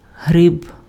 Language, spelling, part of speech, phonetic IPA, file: Ukrainian, гриб, noun, [ɦrɪb], Uk-гриб.ogg
- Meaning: 1. fungus 2. mushroom, toadstool